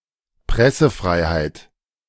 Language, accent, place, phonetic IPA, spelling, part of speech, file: German, Germany, Berlin, [ˈpʁɛsəˌfʁaɪ̯haɪ̯t], Pressefreiheit, noun, De-Pressefreiheit.ogg
- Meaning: freedom of the press